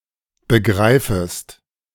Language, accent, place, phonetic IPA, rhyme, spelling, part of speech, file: German, Germany, Berlin, [bəˈɡʁaɪ̯fəst], -aɪ̯fəst, begreifest, verb, De-begreifest.ogg
- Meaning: second-person singular subjunctive I of begreifen